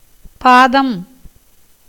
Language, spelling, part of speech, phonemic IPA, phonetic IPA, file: Tamil, பாதம், noun, /pɑːd̪ɐm/, [päːd̪ɐm], Ta-பாதம்.ogg
- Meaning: 1. foot 2. sole of the foot 3. the Holy feet of Vishnu on a சடாரி (caṭāri) in Vaishnava temples 4. a fourth part of the duration of a nakṣatra 5. water